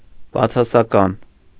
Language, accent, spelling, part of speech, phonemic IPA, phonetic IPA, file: Armenian, Eastern Armenian, բացասական, adjective, /bɑt͡sʰɑsɑˈkɑn/, [bɑt͡sʰɑsɑkɑ́n], Hy-բացասական.ogg
- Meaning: negative